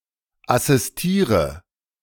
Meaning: inflection of assistieren: 1. first-person singular present 2. first/third-person singular subjunctive I 3. singular imperative
- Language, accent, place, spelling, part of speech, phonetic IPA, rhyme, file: German, Germany, Berlin, assistiere, verb, [asɪsˈtiːʁə], -iːʁə, De-assistiere.ogg